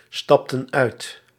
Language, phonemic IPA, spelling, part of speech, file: Dutch, /ˈstɑptə(n) ˈœyt/, stapten uit, verb, Nl-stapten uit.ogg
- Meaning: inflection of uitstappen: 1. plural past indicative 2. plural past subjunctive